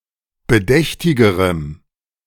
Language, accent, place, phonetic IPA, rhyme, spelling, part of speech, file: German, Germany, Berlin, [bəˈdɛçtɪɡəʁəm], -ɛçtɪɡəʁəm, bedächtigerem, adjective, De-bedächtigerem.ogg
- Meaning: strong dative masculine/neuter singular comparative degree of bedächtig